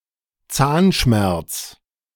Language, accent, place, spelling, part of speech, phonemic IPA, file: German, Germany, Berlin, Zahnschmerz, noun, /ˈtsaːnˌʃmɛrts/, De-Zahnschmerz.ogg
- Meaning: toothache